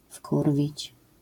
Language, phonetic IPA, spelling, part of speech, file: Polish, [ˈfkurvʲit͡ɕ], wkurwić, verb, LL-Q809 (pol)-wkurwić.wav